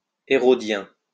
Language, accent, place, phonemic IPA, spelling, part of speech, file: French, France, Lyon, /e.ʁɔ.djɛ̃/, hérodien, noun, LL-Q150 (fra)-hérodien.wav
- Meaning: Herodian